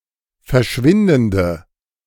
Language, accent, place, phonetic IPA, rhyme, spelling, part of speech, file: German, Germany, Berlin, [fɛɐ̯ˈʃvɪndn̩də], -ɪndn̩də, verschwindende, adjective, De-verschwindende.ogg
- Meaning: inflection of verschwindend: 1. strong/mixed nominative/accusative feminine singular 2. strong nominative/accusative plural 3. weak nominative all-gender singular